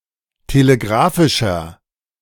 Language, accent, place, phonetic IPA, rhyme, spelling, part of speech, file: German, Germany, Berlin, [teleˈɡʁaːfɪʃɐ], -aːfɪʃɐ, telegrafischer, adjective, De-telegrafischer.ogg
- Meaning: inflection of telegrafisch: 1. strong/mixed nominative masculine singular 2. strong genitive/dative feminine singular 3. strong genitive plural